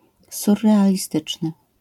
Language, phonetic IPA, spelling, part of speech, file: Polish, [ˌsurːɛalʲiˈstɨt͡ʃnɨ], surrealistyczny, adjective, LL-Q809 (pol)-surrealistyczny.wav